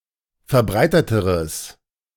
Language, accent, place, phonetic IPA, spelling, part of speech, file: German, Germany, Berlin, [fɛɐ̯ˈbʁaɪ̯tətəʁəs], verbreiteteres, adjective, De-verbreiteteres.ogg
- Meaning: strong/mixed nominative/accusative neuter singular comparative degree of verbreitet